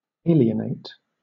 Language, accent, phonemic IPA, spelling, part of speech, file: English, Southern England, /ˈeɪ.li.ə.neɪt/, alienate, adjective / noun / verb, LL-Q1860 (eng)-alienate.wav
- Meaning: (adjective) Estranged; withdrawn in affection; foreign; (noun) A stranger; an alien; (verb) To convey or transfer to another, as title, property, or right; to part voluntarily with ownership of